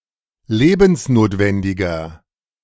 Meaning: inflection of lebensnotwendig: 1. strong/mixed nominative masculine singular 2. strong genitive/dative feminine singular 3. strong genitive plural
- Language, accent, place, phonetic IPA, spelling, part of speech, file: German, Germany, Berlin, [ˈleːbn̩sˌnoːtvɛndɪɡɐ], lebensnotwendiger, adjective, De-lebensnotwendiger.ogg